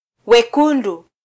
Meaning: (noun) redness; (adjective) [[Appendix:Swahili_noun_classes#M-wa class|wa class_((II))]] inflected form of -ekundu
- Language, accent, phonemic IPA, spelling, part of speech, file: Swahili, Kenya, /wɛˈku.ⁿdu/, wekundu, noun / adjective, Sw-ke-wekundu.flac